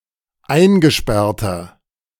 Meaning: inflection of eingesperrt: 1. strong/mixed nominative masculine singular 2. strong genitive/dative feminine singular 3. strong genitive plural
- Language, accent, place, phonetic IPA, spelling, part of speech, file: German, Germany, Berlin, [ˈaɪ̯nɡəˌʃpɛʁtɐ], eingesperrter, adjective, De-eingesperrter.ogg